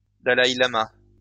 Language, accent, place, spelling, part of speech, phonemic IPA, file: French, France, Lyon, dalaï-lama, noun, /da.la.i.la.ma/, LL-Q150 (fra)-dalaï-lama.wav
- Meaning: Dalai Lama